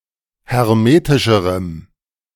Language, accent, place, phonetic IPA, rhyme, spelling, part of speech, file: German, Germany, Berlin, [hɛʁˈmeːtɪʃəʁəm], -eːtɪʃəʁəm, hermetischerem, adjective, De-hermetischerem.ogg
- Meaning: strong dative masculine/neuter singular comparative degree of hermetisch